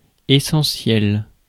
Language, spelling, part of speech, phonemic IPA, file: French, essentiel, adjective / noun, /e.sɑ̃.sjɛl/, Fr-essentiel.ogg
- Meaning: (adjective) essential; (noun) essential; essence, essential part